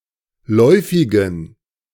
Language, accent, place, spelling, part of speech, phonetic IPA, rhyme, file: German, Germany, Berlin, läufigen, adjective, [ˈlɔɪ̯fɪɡn̩], -ɔɪ̯fɪɡn̩, De-läufigen.ogg
- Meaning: inflection of läufig: 1. strong genitive masculine/neuter singular 2. weak/mixed genitive/dative all-gender singular 3. strong/weak/mixed accusative masculine singular 4. strong dative plural